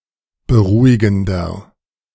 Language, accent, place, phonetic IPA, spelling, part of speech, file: German, Germany, Berlin, [bəˈʁuːɪɡn̩dɐ], beruhigender, adjective, De-beruhigender.ogg
- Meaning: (adjective) 1. comparative degree of beruhigend 2. inflection of beruhigend: strong/mixed nominative masculine singular 3. inflection of beruhigend: strong genitive/dative feminine singular